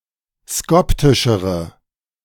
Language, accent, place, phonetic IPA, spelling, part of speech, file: German, Germany, Berlin, [ˈskɔptɪʃəʁə], skoptischere, adjective, De-skoptischere.ogg
- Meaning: inflection of skoptisch: 1. strong/mixed nominative/accusative feminine singular comparative degree 2. strong nominative/accusative plural comparative degree